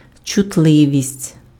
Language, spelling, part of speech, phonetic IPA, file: Ukrainian, чутливість, noun, [t͡ʃʊtˈɫɪʋʲisʲtʲ], Uk-чутливість.ogg
- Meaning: 1. sensitivity 2. susceptibility